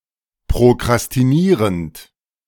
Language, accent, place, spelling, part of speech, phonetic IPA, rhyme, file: German, Germany, Berlin, prokrastinierend, verb, [pʁokʁastiˈniːʁənt], -iːʁənt, De-prokrastinierend.ogg
- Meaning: present participle of prokrastinieren